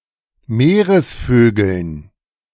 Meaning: dative plural of Meeresvogel
- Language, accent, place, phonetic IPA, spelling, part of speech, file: German, Germany, Berlin, [ˈmeːʁəsˌføːɡl̩n], Meeresvögeln, noun, De-Meeresvögeln.ogg